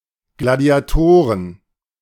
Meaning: plural of Gladiator
- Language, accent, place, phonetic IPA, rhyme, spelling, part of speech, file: German, Germany, Berlin, [ɡladi̯aˈtoːʁən], -oːʁən, Gladiatoren, noun, De-Gladiatoren.ogg